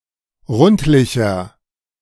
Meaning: 1. comparative degree of rundlich 2. inflection of rundlich: strong/mixed nominative masculine singular 3. inflection of rundlich: strong genitive/dative feminine singular
- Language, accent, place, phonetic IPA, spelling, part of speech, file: German, Germany, Berlin, [ˈʁʊntlɪçɐ], rundlicher, adjective, De-rundlicher.ogg